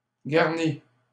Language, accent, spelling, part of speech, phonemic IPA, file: French, Canada, garni, verb / adjective, /ɡaʁ.ni/, LL-Q150 (fra)-garni.wav
- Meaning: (verb) past participle of garnir; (adjective) garnished (with vegetables etc)